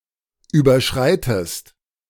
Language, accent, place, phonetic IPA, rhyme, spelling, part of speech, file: German, Germany, Berlin, [ˌyːbɐˈʃʁaɪ̯təst], -aɪ̯təst, überschreitest, verb, De-überschreitest.ogg
- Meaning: inflection of überschreiten: 1. second-person singular present 2. second-person singular subjunctive I